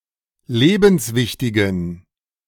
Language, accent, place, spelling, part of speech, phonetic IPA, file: German, Germany, Berlin, lebenswichtigen, adjective, [ˈleːbn̩sˌvɪçtɪɡn̩], De-lebenswichtigen.ogg
- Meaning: inflection of lebenswichtig: 1. strong genitive masculine/neuter singular 2. weak/mixed genitive/dative all-gender singular 3. strong/weak/mixed accusative masculine singular 4. strong dative plural